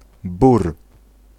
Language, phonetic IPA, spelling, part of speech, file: Polish, [bur], bór, noun, Pl-bór.ogg